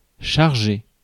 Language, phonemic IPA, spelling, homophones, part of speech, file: French, /ʃaʁ.ʒe/, charger, chargé / chargée / chargées / chargés / chargeai / chargez, verb, Fr-charger.ogg
- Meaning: 1. to load (up) (vehicle, animal etc.) 2. to load (firearm) 3. to charge (battery) 4. to put in charge; to charge (somebody with doing something) 5. to charge (somebody of a crime) 6. to charge